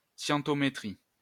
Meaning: scientometrics
- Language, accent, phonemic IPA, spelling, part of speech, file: French, France, /sjɑ̃.tɔ.me.tʁi/, scientométrie, noun, LL-Q150 (fra)-scientométrie.wav